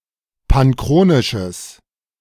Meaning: strong/mixed nominative/accusative neuter singular of panchronisch
- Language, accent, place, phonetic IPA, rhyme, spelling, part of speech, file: German, Germany, Berlin, [panˈkʁoːnɪʃəs], -oːnɪʃəs, panchronisches, adjective, De-panchronisches.ogg